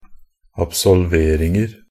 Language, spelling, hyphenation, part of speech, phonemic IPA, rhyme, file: Norwegian Bokmål, absolveringer, ab‧sol‧ver‧ing‧er, noun, /absɔlˈʋeːrɪŋər/, -ər, NB - Pronunciation of Norwegian Bokmål «absolveringer».ogg
- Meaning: indefinite plural of absolvering